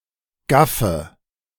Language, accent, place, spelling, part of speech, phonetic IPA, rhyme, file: German, Germany, Berlin, gaffe, verb, [ˈɡafə], -afə, De-gaffe.ogg
- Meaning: inflection of gaffen: 1. first-person singular present 2. singular imperative 3. first/third-person singular subjunctive I